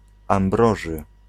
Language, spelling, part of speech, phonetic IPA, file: Polish, Ambroży, proper noun, [ãmˈbrɔʒɨ], Pl-Ambroży.ogg